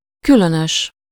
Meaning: strange, odd, unusual, weird, eerie
- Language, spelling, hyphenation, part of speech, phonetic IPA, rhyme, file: Hungarian, különös, kü‧lö‧nös, adjective, [ˈkylønøʃ], -øʃ, Hu-különös.ogg